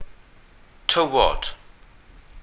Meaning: sand
- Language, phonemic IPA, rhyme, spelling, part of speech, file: Welsh, /ˈtəwɔd/, -əwɔd, tywod, noun, Cy-tywod.ogg